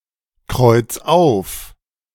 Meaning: 1. singular imperative of aufkreuzen 2. first-person singular present of aufkreuzen
- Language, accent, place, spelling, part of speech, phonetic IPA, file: German, Germany, Berlin, kreuz auf, verb, [ˌkʁɔɪ̯t͡s ˈaʊ̯f], De-kreuz auf.ogg